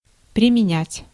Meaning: to apply, to use, to employ
- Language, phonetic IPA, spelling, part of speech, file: Russian, [prʲɪmʲɪˈnʲætʲ], применять, verb, Ru-применять.ogg